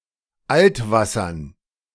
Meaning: dative plural of Altwasser
- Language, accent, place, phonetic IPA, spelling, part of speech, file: German, Germany, Berlin, [ˈʔaltˌvasɐn], Altwassern, noun, De-Altwassern.ogg